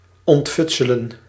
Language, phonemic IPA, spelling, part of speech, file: Dutch, /ɔntˈfʏt.sə.lə(n)/, ontfutselen, verb, Nl-ontfutselen.ogg
- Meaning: to winkle out, wheedle, obtain with difficulty (through trickery or cajoling)